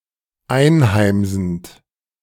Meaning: present participle of einheimsen
- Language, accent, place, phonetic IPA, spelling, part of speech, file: German, Germany, Berlin, [ˈaɪ̯nˌhaɪ̯mzn̩t], einheimsend, verb, De-einheimsend.ogg